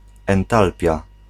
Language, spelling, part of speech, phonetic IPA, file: Polish, entalpia, noun, [ɛ̃nˈtalpʲja], Pl-entalpia.ogg